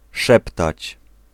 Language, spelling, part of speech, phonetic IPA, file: Polish, szeptać, verb, [ˈʃɛptat͡ɕ], Pl-szeptać.ogg